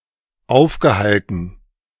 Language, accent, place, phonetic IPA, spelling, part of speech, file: German, Germany, Berlin, [ˈaʊ̯fɡəˌhaltn̩], aufgehalten, verb, De-aufgehalten.ogg
- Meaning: past participle of aufhalten